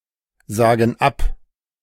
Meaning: inflection of absagen: 1. first/third-person plural present 2. first/third-person plural subjunctive I
- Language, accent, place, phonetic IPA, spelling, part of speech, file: German, Germany, Berlin, [ˌzaːɡn̩ ˈap], sagen ab, verb, De-sagen ab.ogg